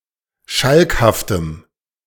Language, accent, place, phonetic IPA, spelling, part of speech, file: German, Germany, Berlin, [ˈʃalkhaftəm], schalkhaftem, adjective, De-schalkhaftem.ogg
- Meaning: strong dative masculine/neuter singular of schalkhaft